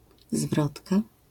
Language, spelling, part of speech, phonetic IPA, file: Polish, zwrotka, noun, [ˈzvrɔtka], LL-Q809 (pol)-zwrotka.wav